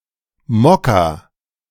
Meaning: alternative spelling of Mokka
- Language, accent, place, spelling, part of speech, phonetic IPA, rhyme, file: German, Germany, Berlin, Mocca, noun, [ˈmɔka], -ɔka, De-Mocca.ogg